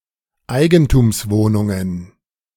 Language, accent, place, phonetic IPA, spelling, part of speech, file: German, Germany, Berlin, [ˈaɪ̯ɡn̩tuːmsˌvoːnʊŋən], Eigentumswohnungen, noun, De-Eigentumswohnungen.ogg
- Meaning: plural of Eigentumswohnung